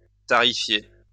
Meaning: to fix the tariff on
- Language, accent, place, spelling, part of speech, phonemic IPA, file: French, France, Lyon, tarifier, verb, /ta.ʁi.fje/, LL-Q150 (fra)-tarifier.wav